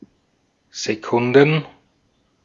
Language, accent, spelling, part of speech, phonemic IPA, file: German, Austria, Sekunden, noun, /zeˈkʊndn̩/, De-at-Sekunden.ogg
- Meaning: 1. plural of Sekunde (“second”) 2. plural of Sekunda